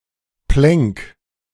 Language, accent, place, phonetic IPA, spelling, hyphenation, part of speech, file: German, Germany, Berlin, [plɛŋk], Plenk, Plenk, noun, De-Plenk.ogg
- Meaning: 1. inappropriate double space 2. inappropriate space before punctuation